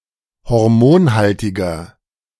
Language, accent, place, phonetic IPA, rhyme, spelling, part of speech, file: German, Germany, Berlin, [hɔʁˈmoːnˌhaltɪɡɐ], -oːnhaltɪɡɐ, hormonhaltiger, adjective, De-hormonhaltiger.ogg
- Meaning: inflection of hormonhaltig: 1. strong/mixed nominative masculine singular 2. strong genitive/dative feminine singular 3. strong genitive plural